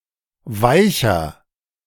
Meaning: 1. comparative degree of weich 2. inflection of weich: strong/mixed nominative masculine singular 3. inflection of weich: strong genitive/dative feminine singular
- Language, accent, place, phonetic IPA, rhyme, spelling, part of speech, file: German, Germany, Berlin, [ˈvaɪ̯çɐ], -aɪ̯çɐ, weicher, adjective, De-weicher.ogg